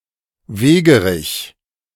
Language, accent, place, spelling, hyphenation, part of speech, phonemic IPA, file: German, Germany, Berlin, Wegerich, We‧ge‧rich, noun, /ˈveːɡəʁɪç/, De-Wegerich.ogg
- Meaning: plantain (plant of the genus Plantago)